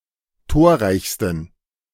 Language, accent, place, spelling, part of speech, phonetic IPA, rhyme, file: German, Germany, Berlin, torreichsten, adjective, [ˈtoːɐ̯ˌʁaɪ̯çstn̩], -oːɐ̯ʁaɪ̯çstn̩, De-torreichsten.ogg
- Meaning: 1. superlative degree of torreich 2. inflection of torreich: strong genitive masculine/neuter singular superlative degree